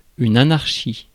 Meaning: 1. anarchy, absence of any form of political authority or government 2. a state of utter disorder, advanced disorganization and confusion
- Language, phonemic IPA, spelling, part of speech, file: French, /a.naʁ.ʃi/, anarchie, noun, Fr-anarchie.ogg